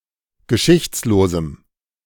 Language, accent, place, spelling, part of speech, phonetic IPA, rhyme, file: German, Germany, Berlin, geschichtslosem, adjective, [ɡəˈʃɪçt͡sloːzm̩], -ɪçt͡sloːzm̩, De-geschichtslosem.ogg
- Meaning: strong dative masculine/neuter singular of geschichtslos